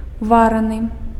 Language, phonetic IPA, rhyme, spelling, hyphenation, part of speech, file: Belarusian, [ˈvaranɨ], -aranɨ, вараны, ва‧ра‧ны, verb, Be-вараны.ogg
- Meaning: 1. past passive participle of вары́ць (varýcʹ) 2. boiled